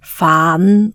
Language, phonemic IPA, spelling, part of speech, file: Cantonese, /faːn˩˧/, faan5, romanization, Yue-faan5.ogg
- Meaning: Jyutping transcription of 㮥